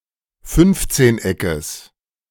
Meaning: genitive singular of Fünfzehneck
- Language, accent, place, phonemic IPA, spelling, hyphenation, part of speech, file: German, Germany, Berlin, /ˈfʏnftseːnˌ.ɛkəs/, Fünfzehneckes, Fünf‧zehn‧eckes, noun, De-Fünfzehneckes.ogg